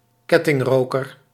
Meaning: chain smoker
- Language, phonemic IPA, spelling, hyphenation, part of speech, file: Dutch, /ˈkɛ.tɪŋˌroː.kər/, kettingroker, ket‧ting‧ro‧ker, noun, Nl-kettingroker.ogg